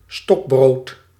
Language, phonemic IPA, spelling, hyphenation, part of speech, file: Dutch, /ˈstɔk.broːt/, stokbrood, stok‧brood, noun, Nl-stokbrood.ogg
- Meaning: baguette (elongated French type of bread)